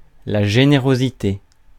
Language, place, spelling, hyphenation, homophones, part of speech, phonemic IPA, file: French, Paris, générosité, gé‧né‧ro‧si‧té, générosités, noun, /ʒe.ne.ʁo.zi.te/, Fr-générosité.ogg
- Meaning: generosity